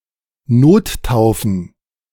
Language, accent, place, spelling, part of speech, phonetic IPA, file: German, Germany, Berlin, Nottaufen, noun, [ˈnoːtˌtaʊ̯fn̩], De-Nottaufen.ogg
- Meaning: plural of Nottaufe